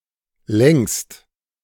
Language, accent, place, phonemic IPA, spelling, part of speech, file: German, Germany, Berlin, /lɛŋst/, längst, adverb, De-längst.ogg
- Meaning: long ago, long